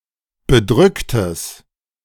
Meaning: strong/mixed nominative/accusative neuter singular of bedrückt
- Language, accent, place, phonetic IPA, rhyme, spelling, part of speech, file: German, Germany, Berlin, [bəˈdʁʏktəs], -ʏktəs, bedrücktes, adjective, De-bedrücktes.ogg